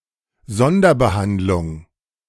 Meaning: 1. special treatment 2. extermination, killing, extrajudicial execution
- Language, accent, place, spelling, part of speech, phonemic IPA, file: German, Germany, Berlin, Sonderbehandlung, noun, /ˈzɔndɐbəˌhandlʊŋ/, De-Sonderbehandlung.ogg